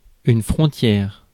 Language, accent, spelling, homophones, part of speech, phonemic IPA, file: French, France, frontière, frontières, noun, /fʁɔ̃.tjɛʁ/, Fr-frontière.ogg
- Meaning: boundary, frontier, border